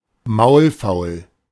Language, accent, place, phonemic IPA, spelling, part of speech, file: German, Germany, Berlin, /ˈmaʊ̯lˌfaʊ̯l/, maulfaul, adjective, De-maulfaul.ogg
- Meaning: taciturn, uncommunicative